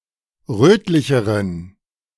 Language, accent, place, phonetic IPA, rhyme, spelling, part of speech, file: German, Germany, Berlin, [ˈʁøːtlɪçəʁən], -øːtlɪçəʁən, rötlicheren, adjective, De-rötlicheren.ogg
- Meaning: inflection of rötlich: 1. strong genitive masculine/neuter singular comparative degree 2. weak/mixed genitive/dative all-gender singular comparative degree